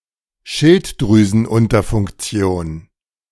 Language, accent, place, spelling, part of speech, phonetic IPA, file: German, Germany, Berlin, Schilddrüsenunterfunktion, noun, [ˈʃɪltdʁyːzn̩ˌʔʊntɐfʊŋkt͡si̯oːn], De-Schilddrüsenunterfunktion.ogg
- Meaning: hypothyroidism